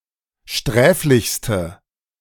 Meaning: inflection of sträflich: 1. strong/mixed nominative/accusative feminine singular superlative degree 2. strong nominative/accusative plural superlative degree
- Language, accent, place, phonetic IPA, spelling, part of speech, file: German, Germany, Berlin, [ˈʃtʁɛːflɪçstə], sträflichste, adjective, De-sträflichste.ogg